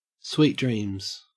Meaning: Said to someone before they fall asleep, wishing them a good sleep
- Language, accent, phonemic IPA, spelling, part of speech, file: English, Australia, /ˌswiːt ˈdɹiːmz/, sweet dreams, phrase, En-au-sweet dreams.ogg